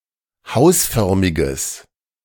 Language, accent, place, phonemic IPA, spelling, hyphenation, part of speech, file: German, Germany, Berlin, /ˈhaʊ̯sˌfœʁmɪɡəs/, hausförmiges, haus‧för‧mi‧ges, adjective, De-hausförmiges.ogg
- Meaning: strong/mixed nominative/accusative neuter singular of hausförmig